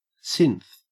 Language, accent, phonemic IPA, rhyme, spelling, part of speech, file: English, Australia, /sɪnθ/, -ɪnθ, synth, noun / verb / adjective, En-au-synth.ogg
- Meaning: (noun) A musical synthesizer; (verb) To play on a musical synthesizer; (adjective) Abbreviation of synthetic; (noun) A synthetic humanoid, an android, a robot, a clone